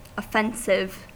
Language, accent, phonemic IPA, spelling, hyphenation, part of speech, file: English, US, /ˈɔˌfɛnsɪv/, offensive, of‧fen‧sive, adjective / noun, En-us-offensive.ogg
- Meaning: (adjective) Causing offense; arousing a visceral reaction of disgust, anger, hatred, sadness, or indignation